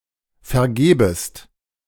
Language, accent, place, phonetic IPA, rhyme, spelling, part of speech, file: German, Germany, Berlin, [fɛɐ̯ˈɡeːbəst], -eːbəst, vergebest, verb, De-vergebest.ogg
- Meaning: second-person singular subjunctive I of vergeben